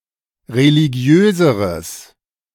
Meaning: strong/mixed nominative/accusative neuter singular comparative degree of religiös
- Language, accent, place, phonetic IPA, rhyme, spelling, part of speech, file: German, Germany, Berlin, [ʁeliˈɡi̯øːzəʁəs], -øːzəʁəs, religiöseres, adjective, De-religiöseres.ogg